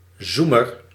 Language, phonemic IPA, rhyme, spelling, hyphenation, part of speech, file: Dutch, /ˈzu.mər/, -umər, zoemer, zoe‧mer, noun, Nl-zoemer.ogg
- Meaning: buzzer